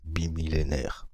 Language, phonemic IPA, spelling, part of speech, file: French, /bi.mi.le.nɛʁ/, bimillénaire, adjective / noun, Fr-bimillénaire.ogg
- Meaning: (adjective) bimillenary